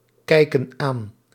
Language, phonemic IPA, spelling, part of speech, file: Dutch, /ˈkɛikə(n) ˈan/, kijken aan, verb, Nl-kijken aan.ogg
- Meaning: inflection of aankijken: 1. plural present indicative 2. plural present subjunctive